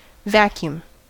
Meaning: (noun) A region of space that contains no matter
- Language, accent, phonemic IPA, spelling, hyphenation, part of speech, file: English, US, /ˈvæ.kjuːm/, vacuum, va‧cu‧um, noun / verb, En-us-vacuum.ogg